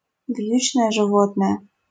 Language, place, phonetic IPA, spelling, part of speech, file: Russian, Saint Petersburg, [ˈv⁽ʲ⁾jʉt͡ɕnəjə ʐɨˈvotnəjə], вьючное животное, noun, LL-Q7737 (rus)-вьючное животное.wav
- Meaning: beast of burden, pack animal (animal that carries or pulls heavy loads)